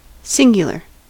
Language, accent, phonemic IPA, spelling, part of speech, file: English, US, /ˈsɪŋ.ɡjə.lɚ/, singular, adjective / noun, En-us-singular.ogg
- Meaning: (adjective) 1. Being only one of a larger population; single, individual 2. Being the only one of the kind; unique